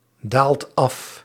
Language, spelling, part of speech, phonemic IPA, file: Dutch, daalt af, verb, /ˈdalt ˈɑf/, Nl-daalt af.ogg
- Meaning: inflection of afdalen: 1. second/third-person singular present indicative 2. plural imperative